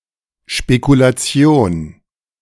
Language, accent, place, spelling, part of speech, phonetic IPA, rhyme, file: German, Germany, Berlin, Spekulation, noun, [ʃpekulaˈt͡si̯oːn], -oːn, De-Spekulation.ogg
- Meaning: 1. speculation, venture (risky investment) 2. guesswork, conjecture